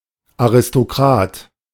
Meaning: aristocrat (male or of unspecified gender)
- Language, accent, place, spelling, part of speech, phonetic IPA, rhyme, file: German, Germany, Berlin, Aristokrat, noun, [aʁɪstoˈkʁaːt], -aːt, De-Aristokrat.ogg